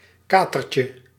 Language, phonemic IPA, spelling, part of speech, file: Dutch, /ˈkatərcə/, katertje, noun, Nl-katertje.ogg
- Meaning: diminutive of kater